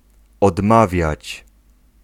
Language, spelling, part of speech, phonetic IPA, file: Polish, odmawiać, verb, [ɔdˈmavʲjät͡ɕ], Pl-odmawiać.ogg